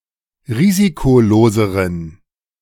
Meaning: inflection of risikolos: 1. strong genitive masculine/neuter singular comparative degree 2. weak/mixed genitive/dative all-gender singular comparative degree
- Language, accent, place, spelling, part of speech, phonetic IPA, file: German, Germany, Berlin, risikoloseren, adjective, [ˈʁiːzikoˌloːzəʁən], De-risikoloseren.ogg